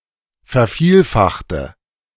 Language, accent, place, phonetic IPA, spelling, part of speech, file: German, Germany, Berlin, [fɛɐ̯ˈfiːlˌfaxtə], vervielfachte, adjective / verb, De-vervielfachte.ogg
- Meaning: inflection of vervielfachen: 1. first/third-person singular preterite 2. first/third-person singular subjunctive II